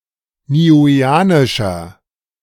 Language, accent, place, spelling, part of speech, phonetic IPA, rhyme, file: German, Germany, Berlin, niueanischer, adjective, [niːˌuːeːˈaːnɪʃɐ], -aːnɪʃɐ, De-niueanischer.ogg
- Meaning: inflection of niueanisch: 1. strong/mixed nominative masculine singular 2. strong genitive/dative feminine singular 3. strong genitive plural